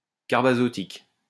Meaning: carbazotic
- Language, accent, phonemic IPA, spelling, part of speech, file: French, France, /kaʁ.ba.zɔ.tik/, carbazotique, adjective, LL-Q150 (fra)-carbazotique.wav